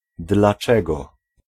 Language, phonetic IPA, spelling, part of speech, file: Polish, [dlaˈt͡ʃɛɡɔ], dlaczego, pronoun, Pl-dlaczego.ogg